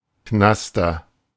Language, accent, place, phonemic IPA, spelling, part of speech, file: German, Germany, Berlin, /ˈknastɐ/, Knaster, noun, De-Knaster.ogg
- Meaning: 1. weed, cheap tobacco, canaster 2. short for Canastertobac (“mild tobacco of high quality”)